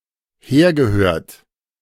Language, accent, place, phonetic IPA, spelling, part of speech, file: German, Germany, Berlin, [ˈheːɐ̯ɡəˌhøːɐ̯t], hergehört, verb, De-hergehört.ogg
- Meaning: past participle of herhören